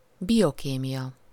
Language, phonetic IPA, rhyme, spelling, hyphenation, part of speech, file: Hungarian, [ˈbijokeːmijɒ], -jɒ, biokémia, bio‧ké‧mia, noun, Hu-biokémia.ogg
- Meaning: biochemistry